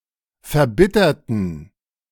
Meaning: inflection of verbittern: 1. first/third-person plural preterite 2. first/third-person plural subjunctive II
- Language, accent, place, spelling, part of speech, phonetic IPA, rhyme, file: German, Germany, Berlin, verbitterten, adjective, [fɛɐ̯ˈbɪtɐtn̩], -ɪtɐtn̩, De-verbitterten.ogg